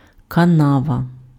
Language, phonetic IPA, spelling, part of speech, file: Ukrainian, [kɐˈnaʋɐ], канава, noun, Uk-канава.ogg
- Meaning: ditch